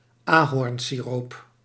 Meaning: maple syrup
- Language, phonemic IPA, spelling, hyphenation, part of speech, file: Dutch, /aːˈɦɔrn.siˌroːp/, ahornsiroop, ahorn‧si‧roop, noun, Nl-ahornsiroop.ogg